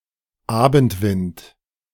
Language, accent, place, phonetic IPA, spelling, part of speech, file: German, Germany, Berlin, [ˈaːbn̩tˌvɪnt], Abendwind, noun, De-Abendwind.ogg
- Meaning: 1. evening wind 2. west wind, zephyr